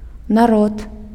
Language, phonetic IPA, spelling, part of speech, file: Belarusian, [naˈrot], народ, noun, Be-народ.ogg
- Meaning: people, folk, nation